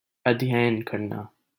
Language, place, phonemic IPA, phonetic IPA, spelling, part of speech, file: Hindi, Delhi, /əd̪ʱ.jə.jən kəɾ.nɑː/, [ɐd̪ʱ.jɐ.jɐ̃n‿kɐɾ.näː], अध्ययन करना, verb, LL-Q1568 (hin)-अध्ययन करना.wav
- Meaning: to study